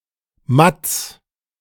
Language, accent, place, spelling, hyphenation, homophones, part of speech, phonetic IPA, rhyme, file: German, Germany, Berlin, Matts, Matts, Matz, noun, [mats], -ats, De-Matts.ogg
- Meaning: genitive singular of Matt